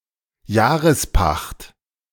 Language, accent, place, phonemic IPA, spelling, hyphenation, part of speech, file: German, Germany, Berlin, /ˈjaːʁəsˌpaxt/, Jahrespacht, Jah‧res‧pacht, noun, De-Jahrespacht.ogg
- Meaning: annual rental, annual rent